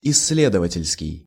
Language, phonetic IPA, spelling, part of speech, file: Russian, [ɪs⁽ʲ⁾ːˈlʲedəvətʲɪlʲskʲɪj], исследовательский, adjective, Ru-исследовательский.ogg
- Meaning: research